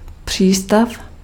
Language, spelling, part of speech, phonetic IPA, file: Czech, přístav, noun, [ˈpr̝̊iːstaf], Cs-přístav.ogg
- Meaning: port, harbour, haven